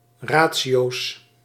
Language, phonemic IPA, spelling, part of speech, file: Dutch, /ˈra(t)siˌjos/, ratio's, noun, Nl-ratio's.ogg
- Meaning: plural of ratio